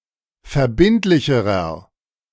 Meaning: inflection of verbindlich: 1. strong/mixed nominative masculine singular comparative degree 2. strong genitive/dative feminine singular comparative degree 3. strong genitive plural comparative degree
- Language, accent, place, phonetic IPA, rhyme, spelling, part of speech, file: German, Germany, Berlin, [fɛɐ̯ˈbɪntlɪçəʁɐ], -ɪntlɪçəʁɐ, verbindlicherer, adjective, De-verbindlicherer.ogg